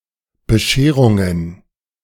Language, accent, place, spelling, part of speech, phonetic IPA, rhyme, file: German, Germany, Berlin, Bescherungen, noun, [bəˈʃeːʁʊŋən], -eːʁʊŋən, De-Bescherungen.ogg
- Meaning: plural of Bescherung